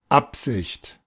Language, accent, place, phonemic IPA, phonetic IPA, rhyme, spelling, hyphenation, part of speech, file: German, Germany, Berlin, /ˈapzɪçt/, [ˈapz̥ɪçt], -ɪçt, Absicht, Ab‧sicht, noun, De-Absicht.ogg
- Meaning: 1. intention 2. intent